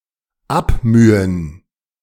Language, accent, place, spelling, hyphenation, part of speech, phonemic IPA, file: German, Germany, Berlin, abmühen, ab‧mü‧hen, verb, /ˈapˌmyːən/, De-abmühen.ogg
- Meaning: to struggle, toil